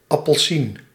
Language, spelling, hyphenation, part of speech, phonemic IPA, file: Dutch, appelsien, ap‧pel‧sien, noun, /ˌɑpəlˈsin/, Nl-appelsien.ogg
- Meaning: orange (fruit)